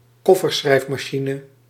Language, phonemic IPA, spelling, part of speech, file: Dutch, /ˈkɔfərˌsxrɛifmɑˌʃinə/, kofferschrijfmachine, noun, Nl-kofferschrijfmachine.ogg
- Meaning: a typewriter which has its own solid, roughly suitcase-shaped casing